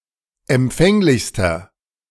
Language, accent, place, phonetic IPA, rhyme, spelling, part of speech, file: German, Germany, Berlin, [ɛmˈp͡fɛŋlɪçstɐ], -ɛŋlɪçstɐ, empfänglichster, adjective, De-empfänglichster.ogg
- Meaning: inflection of empfänglich: 1. strong/mixed nominative masculine singular superlative degree 2. strong genitive/dative feminine singular superlative degree 3. strong genitive plural superlative degree